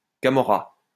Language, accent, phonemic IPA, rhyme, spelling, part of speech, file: French, France, /ka.mɔ.ʁa/, -a, camorra, noun, LL-Q150 (fra)-camorra.wav
- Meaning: 1. Camorra (crime organization from Naples) 2. any criminal organization